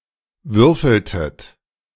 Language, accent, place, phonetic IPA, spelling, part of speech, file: German, Germany, Berlin, [ˈvʏʁfl̩tət], würfeltet, verb, De-würfeltet.ogg
- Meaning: inflection of würfeln: 1. second-person plural preterite 2. second-person plural subjunctive II